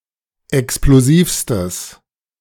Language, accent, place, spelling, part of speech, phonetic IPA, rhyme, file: German, Germany, Berlin, explosivstes, adjective, [ɛksploˈziːfstəs], -iːfstəs, De-explosivstes.ogg
- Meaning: strong/mixed nominative/accusative neuter singular superlative degree of explosiv